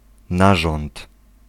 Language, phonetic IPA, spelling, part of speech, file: Polish, [ˈnaʒɔ̃nt], narząd, noun, Pl-narząd.ogg